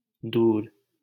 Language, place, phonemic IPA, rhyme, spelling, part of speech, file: Hindi, Delhi, /d̪uːɾ/, -uːɾ, दूर, adjective / noun, LL-Q1568 (hin)-दूर.wav
- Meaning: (adjective) 1. distant, far 2. away, off; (noun) distance, remoteness